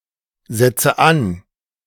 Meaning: inflection of ansetzen: 1. first-person singular present 2. first/third-person singular subjunctive I 3. singular imperative
- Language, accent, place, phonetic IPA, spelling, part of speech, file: German, Germany, Berlin, [ˌzɛt͡sə ˈan], setze an, verb, De-setze an.ogg